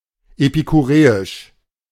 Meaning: epicurean, Epicurean
- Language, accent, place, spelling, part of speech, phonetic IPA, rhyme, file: German, Germany, Berlin, epikureisch, adjective, [epikuˈʁeːɪʃ], -eːɪʃ, De-epikureisch.ogg